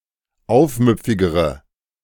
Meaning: inflection of aufmüpfig: 1. strong/mixed nominative/accusative feminine singular comparative degree 2. strong nominative/accusative plural comparative degree
- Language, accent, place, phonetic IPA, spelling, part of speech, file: German, Germany, Berlin, [ˈaʊ̯fˌmʏp͡fɪɡəʁə], aufmüpfigere, adjective, De-aufmüpfigere.ogg